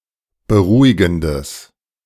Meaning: strong/mixed nominative/accusative neuter singular of beruhigend
- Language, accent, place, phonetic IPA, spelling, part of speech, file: German, Germany, Berlin, [bəˈʁuːɪɡn̩dəs], beruhigendes, adjective, De-beruhigendes.ogg